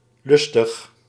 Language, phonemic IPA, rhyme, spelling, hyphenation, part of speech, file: Dutch, /ˈlʏs.təx/, -ʏstəx, lustig, lus‧tig, adjective / adverb, Nl-lustig.ogg
- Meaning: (adjective) 1. eager, with pleasure and readiness 2. lively, eager, vivacious 3. lustful, lewd 4. craving 5. happy, humorous; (adverb) eagerly, readily